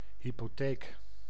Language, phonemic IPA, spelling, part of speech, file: Dutch, /ˌhypoˈtek/, hypotheek, noun, Nl-hypotheek.ogg
- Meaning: mortgage